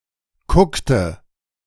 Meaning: inflection of kucken: 1. first/third-person singular preterite 2. first/third-person singular subjunctive II
- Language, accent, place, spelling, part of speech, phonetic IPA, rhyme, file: German, Germany, Berlin, kuckte, verb, [ˈkʊktə], -ʊktə, De-kuckte.ogg